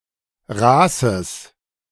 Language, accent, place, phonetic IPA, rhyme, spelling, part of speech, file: German, Germany, Berlin, [ˈʁaːsəs], -aːsəs, raßes, adjective, De-raßes.ogg
- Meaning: strong/mixed nominative/accusative neuter singular of raß